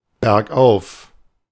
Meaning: uphill
- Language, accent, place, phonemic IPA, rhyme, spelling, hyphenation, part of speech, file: German, Germany, Berlin, /bɛʁkˈʔaʊ̯f/, -aʊ̯f, bergauf, berg‧auf, adverb, De-bergauf.ogg